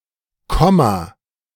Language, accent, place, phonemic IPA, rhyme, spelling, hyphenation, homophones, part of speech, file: German, Germany, Berlin, /ˈkɔma/, -ɔma, Komma, Kom‧ma, komma, noun, De-Komma.ogg
- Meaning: comma (,)